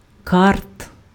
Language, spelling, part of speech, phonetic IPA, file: Ukrainian, карт, noun, [kart], Uk-карт.ogg
- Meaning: 1. go-cart 2. genitive plural of ка́рта (kárta)